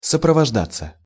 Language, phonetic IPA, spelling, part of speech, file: Russian, [səprəvɐʐˈdat͡sːə], сопровождаться, verb, Ru-сопровождаться.ogg
- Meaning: passive of сопровожда́ть (soprovoždátʹ)